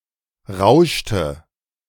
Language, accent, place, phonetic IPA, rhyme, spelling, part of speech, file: German, Germany, Berlin, [ˈʁaʊ̯ʃtə], -aʊ̯ʃtə, rauschte, verb, De-rauschte.ogg
- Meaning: inflection of rauschen: 1. first/third-person singular preterite 2. first/third-person singular subjunctive II